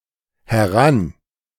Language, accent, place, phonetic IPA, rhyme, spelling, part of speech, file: German, Germany, Berlin, [hɛˈʁan], -an, heran, adverb, De-heran.ogg
- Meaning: near, close to the speaker, over to (to the direction of the speaker or an object)